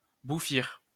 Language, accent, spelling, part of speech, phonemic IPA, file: French, France, bouffir, verb, /bu.fiʁ/, LL-Q150 (fra)-bouffir.wav
- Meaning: 1. to cause to become swollen or puffy 2. to puff up